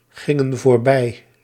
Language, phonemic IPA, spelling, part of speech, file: Dutch, /ˈɣɪŋə(n) vorˈbɛi/, gingen voorbij, verb, Nl-gingen voorbij.ogg
- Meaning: inflection of voorbijgaan: 1. plural past indicative 2. plural past subjunctive